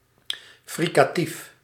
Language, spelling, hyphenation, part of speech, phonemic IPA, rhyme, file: Dutch, fricatief, fri‧ca‧tief, adjective / noun, /ˌfrikaːˈtif/, -if, Nl-fricatief.ogg
- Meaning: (adjective) fricative; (noun) a fricative consonant